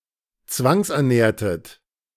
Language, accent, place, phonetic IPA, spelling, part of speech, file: German, Germany, Berlin, [ˈt͡svaŋsʔɛɐ̯ˌnɛːɐ̯tət], zwangsernährtet, verb, De-zwangsernährtet.ogg
- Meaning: inflection of zwangsernähren: 1. second-person plural preterite 2. second-person plural subjunctive II